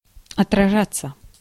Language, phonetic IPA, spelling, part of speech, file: Russian, [ɐtrɐˈʐat͡sːə], отражаться, verb, Ru-отражаться.ogg
- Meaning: 1. to be reflected, to reverberate 2. to affect, to have an impact on 3. passive of отража́ть (otražátʹ)